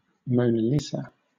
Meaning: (proper noun) 1. A portrait painting by Leonardo da Vinci, widely considered to be the most famous painting in history 2. The subject of the painting, Lisa del Giocondo, née Gherardini (1479–1542)
- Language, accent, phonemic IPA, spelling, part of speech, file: English, Southern England, /ˌməʊnə ˈliːzə/, Mona Lisa, proper noun / noun, LL-Q1860 (eng)-Mona Lisa.wav